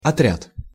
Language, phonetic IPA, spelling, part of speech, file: Russian, [ɐˈtrʲat], отряд, noun, Ru-отряд.ogg
- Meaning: 1. detachment, squadron, troop 2. group, team 3. order